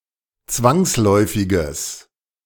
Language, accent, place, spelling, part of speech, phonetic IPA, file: German, Germany, Berlin, zwangsläufiges, adjective, [ˈt͡svaŋsˌlɔɪ̯fɪɡəs], De-zwangsläufiges.ogg
- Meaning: strong/mixed nominative/accusative neuter singular of zwangsläufig